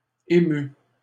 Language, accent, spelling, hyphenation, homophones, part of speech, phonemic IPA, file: French, Canada, émues, é‧mues, ému / émue / émus, adjective, /e.my/, LL-Q150 (fra)-émues.wav
- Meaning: feminine plural of ému